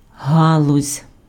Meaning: 1. synonym of гі́лка f (hílka, “branch, twig”) 2. branch, domain, field, sphere
- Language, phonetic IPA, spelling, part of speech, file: Ukrainian, [ˈɦaɫʊzʲ], галузь, noun, Uk-галузь.ogg